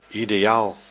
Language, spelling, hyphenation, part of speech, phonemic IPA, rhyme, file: Dutch, ideaal, ide‧aal, adjective / noun, /ˌi.deːˈaːl/, -aːl, Nl-ideaal.ogg
- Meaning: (adjective) 1. ideal, perfect(ly fit); optimal 2. immaterial, aetheral 3. purely cerebral, imaginary in physical terms; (noun) an ideal, perfect standard (of beauty, intellect, etc.)